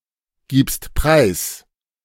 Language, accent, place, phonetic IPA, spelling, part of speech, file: German, Germany, Berlin, [ˌɡiːpst ˈpʁaɪ̯s], gibst preis, verb, De-gibst preis.ogg
- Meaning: second-person singular present of preisgeben